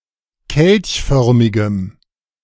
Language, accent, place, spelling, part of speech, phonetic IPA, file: German, Germany, Berlin, kelchförmigem, adjective, [ˈkɛlçˌfœʁmɪɡəm], De-kelchförmigem.ogg
- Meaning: strong dative masculine/neuter singular of kelchförmig